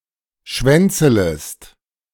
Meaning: second-person singular subjunctive I of schwänzeln
- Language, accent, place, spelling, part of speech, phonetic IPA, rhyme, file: German, Germany, Berlin, schwänzelest, verb, [ˈʃvɛnt͡sələst], -ɛnt͡sələst, De-schwänzelest.ogg